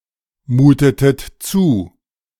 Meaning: inflection of zumuten: 1. second-person plural preterite 2. second-person plural subjunctive II
- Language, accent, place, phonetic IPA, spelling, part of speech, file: German, Germany, Berlin, [ˌmuːtətət ˈt͡suː], mutetet zu, verb, De-mutetet zu.ogg